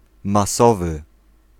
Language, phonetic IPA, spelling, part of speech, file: Polish, [maˈsɔvɨ], masowy, adjective, Pl-masowy.ogg